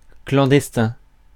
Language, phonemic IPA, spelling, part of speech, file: French, /klɑ̃.dɛs.tɛ̃/, clandestin, adjective, Fr-clandestin.ogg
- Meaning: clandestine